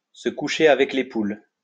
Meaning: to go to bed with the sun, to go to bed with the chickens
- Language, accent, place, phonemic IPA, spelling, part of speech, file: French, France, Lyon, /sə ku.ʃe a.vɛk le pul/, se coucher avec les poules, verb, LL-Q150 (fra)-se coucher avec les poules.wav